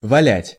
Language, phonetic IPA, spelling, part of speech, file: Russian, [vɐˈlʲætʲ], валять, verb, Ru-валять.ogg
- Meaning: 1. to drag on the floor or ground 2. to roll (something) 3. to roll (something) (into some form), to shape by rolling 4. to knead 5. to felt, to make out of felt